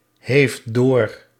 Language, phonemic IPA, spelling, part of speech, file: Dutch, /ɦeːft/, heeft door, verb, Nl-heeft door.ogg
- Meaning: inflection of doorhebben: 1. third-person singular present indicative 2. second-person (u) singular present indicative